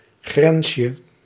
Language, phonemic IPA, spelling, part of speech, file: Dutch, /ˈɣrɛnʃə/, grensje, noun, Nl-grensje.ogg
- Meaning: diminutive of grens